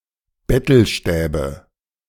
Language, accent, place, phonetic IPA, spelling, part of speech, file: German, Germany, Berlin, [ˈbɛtl̩ˌʃtɛːbə], Bettelstäbe, noun, De-Bettelstäbe.ogg
- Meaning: nominative/accusative/genitive plural of Bettelstab